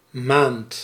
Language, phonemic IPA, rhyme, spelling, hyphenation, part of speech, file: Dutch, /maːnt/, -aːnt, maand, maand, noun, Nl-maand.ogg
- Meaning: a month